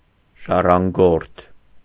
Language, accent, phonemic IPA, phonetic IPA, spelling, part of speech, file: Armenian, Eastern Armenian, /ʒɑrɑnˈɡoɾtʰ/, [ʒɑrɑŋɡóɾtʰ], ժառանգորդ, noun, Hy-ժառանգորդ.ogg
- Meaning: heir, successor